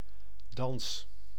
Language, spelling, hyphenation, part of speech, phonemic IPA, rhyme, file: Dutch, dans, dans, noun / verb, /dɑns/, -ɑns, Nl-dans.ogg
- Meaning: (noun) dance; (verb) inflection of dansen: 1. first-person singular present indicative 2. second-person singular present indicative 3. imperative